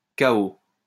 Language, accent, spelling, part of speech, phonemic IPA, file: French, France, cahot, noun, /ka.o/, LL-Q150 (fra)-cahot.wav
- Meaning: jolt, bump